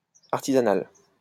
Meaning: 1. artisanal 2. makeshift
- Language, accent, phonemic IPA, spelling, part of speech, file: French, France, /aʁ.ti.za.nal/, artisanal, adjective, LL-Q150 (fra)-artisanal.wav